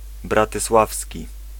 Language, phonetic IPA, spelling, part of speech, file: Polish, [ˌbratɨˈswafsʲci], bratysławski, adjective, Pl-bratysławski.ogg